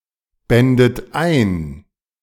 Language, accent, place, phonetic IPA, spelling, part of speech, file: German, Germany, Berlin, [ˌbɛndət ˈaɪ̯n], bändet ein, verb, De-bändet ein.ogg
- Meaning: second-person plural subjunctive II of einbinden